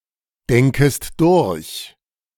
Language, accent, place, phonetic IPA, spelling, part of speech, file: German, Germany, Berlin, [ˌdɛŋkəst ˈdʊʁç], denkest durch, verb, De-denkest durch.ogg
- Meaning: second-person singular subjunctive I of durchdenken